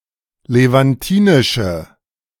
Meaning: inflection of levantinisch: 1. strong/mixed nominative/accusative feminine singular 2. strong nominative/accusative plural 3. weak nominative all-gender singular
- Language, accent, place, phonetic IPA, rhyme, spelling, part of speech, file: German, Germany, Berlin, [levanˈtiːnɪʃə], -iːnɪʃə, levantinische, adjective, De-levantinische.ogg